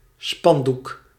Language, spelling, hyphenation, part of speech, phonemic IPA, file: Dutch, spandoek, span‧doek, noun, /ˈspɑnduk/, Nl-spandoek.ogg
- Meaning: banner